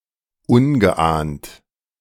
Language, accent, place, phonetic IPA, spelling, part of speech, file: German, Germany, Berlin, [ˈʊnɡəˌʔaːnt], ungeahnt, adjective, De-ungeahnt.ogg
- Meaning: unsuspected, unforeseen